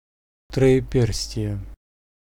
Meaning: a sign of the cross made with three fingers
- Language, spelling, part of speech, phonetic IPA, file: Russian, троеперстие, noun, [trə(j)ɪˈpʲers⁽ʲ⁾tʲɪje], Ru-троеперстие.ogg